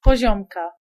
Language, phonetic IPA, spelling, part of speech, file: Polish, [pɔˈʑɔ̃mka], poziomka, noun, Pl-poziomka.ogg